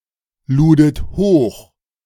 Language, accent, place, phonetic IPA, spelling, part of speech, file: German, Germany, Berlin, [ˌluːdət ˈhoːx], ludet hoch, verb, De-ludet hoch.ogg
- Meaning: second-person plural preterite of hochladen